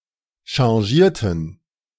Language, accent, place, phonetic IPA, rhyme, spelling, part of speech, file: German, Germany, Berlin, [ʃɑ̃ˈʒiːɐ̯tn̩], -iːɐ̯tn̩, changierten, verb, De-changierten.ogg
- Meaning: inflection of changieren: 1. first/third-person plural preterite 2. first/third-person plural subjunctive II